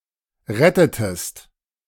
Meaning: inflection of retten: 1. second-person singular preterite 2. second-person singular subjunctive II
- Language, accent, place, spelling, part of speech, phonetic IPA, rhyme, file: German, Germany, Berlin, rettetest, verb, [ˈʁɛtətəst], -ɛtətəst, De-rettetest.ogg